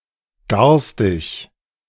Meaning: 1. rude, nasty, beastly 2. rancid, foul
- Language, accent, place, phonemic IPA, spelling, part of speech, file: German, Germany, Berlin, /ˈɡaʁstɪç/, garstig, adjective, De-garstig.ogg